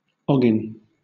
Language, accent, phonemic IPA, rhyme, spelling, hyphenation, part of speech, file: English, Southern England, /ˈɒɡɪn/, -ɒɡɪn, ogin, o‧gin, noun, LL-Q1860 (eng)-ogin.wav
- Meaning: A large body of water including the sea or the ocean